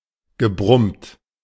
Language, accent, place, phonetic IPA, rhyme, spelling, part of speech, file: German, Germany, Berlin, [ɡəˈbʁʊmt], -ʊmt, gebrummt, verb, De-gebrummt.ogg
- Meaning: past participle of brummen